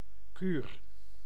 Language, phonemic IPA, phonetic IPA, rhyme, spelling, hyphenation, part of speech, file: Dutch, /kyr/, [kyːr], -yr, kuur, kuur, noun, Nl-kuur.ogg
- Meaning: 1. treatment, cure 2. mood, whim, quirk